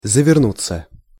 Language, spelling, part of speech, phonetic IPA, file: Russian, завернуться, verb, [zəvʲɪrˈnut͡sːə], Ru-завернуться.ogg
- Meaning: 1. to wrap oneself up 2. to bend back, to fold back, to be rolled back 3. to bend up, to turn up, to curl up 4. passive of заверну́ть (zavernútʹ)